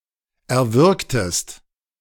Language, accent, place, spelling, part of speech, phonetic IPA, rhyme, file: German, Germany, Berlin, erwürgtest, verb, [ɛɐ̯ˈvʏʁktəst], -ʏʁktəst, De-erwürgtest.ogg
- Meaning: inflection of erwürgen: 1. second-person singular preterite 2. second-person singular subjunctive II